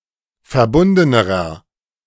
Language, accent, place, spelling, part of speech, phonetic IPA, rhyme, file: German, Germany, Berlin, verbundenerer, adjective, [fɛɐ̯ˈbʊndənəʁɐ], -ʊndənəʁɐ, De-verbundenerer.ogg
- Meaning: inflection of verbunden: 1. strong/mixed nominative masculine singular comparative degree 2. strong genitive/dative feminine singular comparative degree 3. strong genitive plural comparative degree